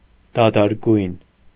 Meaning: dispossessed, down and out, having no home or possessions
- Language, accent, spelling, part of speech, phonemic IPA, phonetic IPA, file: Armenian, Eastern Armenian, դադարգյուն, adjective, /dɑdɑɾˈɡjun/, [dɑdɑɾɡjún], Hy-դադարգյուն.ogg